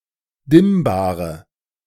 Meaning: inflection of dimmbar: 1. strong/mixed nominative/accusative feminine singular 2. strong nominative/accusative plural 3. weak nominative all-gender singular 4. weak accusative feminine/neuter singular
- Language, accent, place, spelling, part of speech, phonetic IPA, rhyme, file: German, Germany, Berlin, dimmbare, adjective, [ˈdɪmbaːʁə], -ɪmbaːʁə, De-dimmbare.ogg